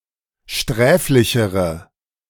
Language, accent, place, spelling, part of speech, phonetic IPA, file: German, Germany, Berlin, sträflichere, adjective, [ˈʃtʁɛːflɪçəʁə], De-sträflichere.ogg
- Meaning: inflection of sträflich: 1. strong/mixed nominative/accusative feminine singular comparative degree 2. strong nominative/accusative plural comparative degree